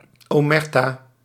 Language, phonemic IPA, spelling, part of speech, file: Dutch, /oˈmɛrta/, omerta, noun, Nl-omerta.ogg
- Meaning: omertà, (extensively) wall of silence, code of silence